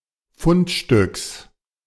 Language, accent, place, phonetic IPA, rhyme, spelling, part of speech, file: German, Germany, Berlin, [ˈfʊntˌʃtʏks], -ʊntʃtʏks, Fundstücks, noun, De-Fundstücks.ogg
- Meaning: genitive singular of Fundstück